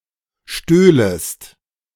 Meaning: second-person singular subjunctive II of stehlen
- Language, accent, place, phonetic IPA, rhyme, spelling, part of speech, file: German, Germany, Berlin, [ˈʃtøːləst], -øːləst, stöhlest, verb, De-stöhlest.ogg